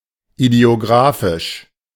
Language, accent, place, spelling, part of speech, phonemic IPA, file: German, Germany, Berlin, idiographisch, adjective, /idi̯oˈɡʁaːfɪʃ/, De-idiographisch.ogg
- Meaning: idiographic